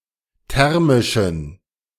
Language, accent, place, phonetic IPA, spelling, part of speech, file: German, Germany, Berlin, [ˈtɛʁmɪʃn̩], thermischen, adjective, De-thermischen.ogg
- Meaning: inflection of thermisch: 1. strong genitive masculine/neuter singular 2. weak/mixed genitive/dative all-gender singular 3. strong/weak/mixed accusative masculine singular 4. strong dative plural